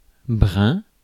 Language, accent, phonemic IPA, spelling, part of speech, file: French, France, /bʁɛ̃/, brun, adjective / noun, Fr-brun.ogg
- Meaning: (adjective) brown (color/colour); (noun) brown-haired person